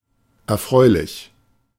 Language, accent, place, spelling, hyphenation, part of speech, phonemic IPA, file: German, Germany, Berlin, erfreulich, er‧freu‧lich, adjective, /ɛɐ̯ˈfʁɔɪ̯lɪç/, De-erfreulich.ogg
- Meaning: pleasant, pleasing